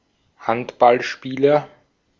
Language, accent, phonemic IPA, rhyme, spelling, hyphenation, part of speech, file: German, Austria, /ˈhantbalˌʃpiːlɐ/, -iːlɐ, Handballspieler, Hand‧ball‧spie‧ler, noun, De-at-Handballspieler.ogg
- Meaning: handball player, handballer (male or of unspecified sex)